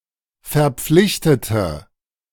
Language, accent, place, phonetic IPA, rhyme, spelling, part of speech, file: German, Germany, Berlin, [fɛɐ̯ˈp͡flɪçtətə], -ɪçtətə, verpflichtete, adjective / verb, De-verpflichtete.ogg
- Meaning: inflection of verpflichtet: 1. strong/mixed nominative/accusative feminine singular 2. strong nominative/accusative plural 3. weak nominative all-gender singular